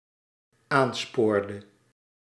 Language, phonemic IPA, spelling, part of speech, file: Dutch, /ˈanspordə/, aanspoorde, verb, Nl-aanspoorde.ogg
- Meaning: inflection of aansporen: 1. singular dependent-clause past indicative 2. singular dependent-clause past subjunctive